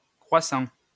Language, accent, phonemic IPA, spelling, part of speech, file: French, France, /kʁwa.sɑ̃/, croissant, noun / adjective / verb, LL-Q150 (fra)-croissant.wav
- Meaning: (noun) 1. crescent 2. croissant 3. crescent moon; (adjective) increasing, augmenting; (verb) 1. present participle of croître 2. present participle of croitre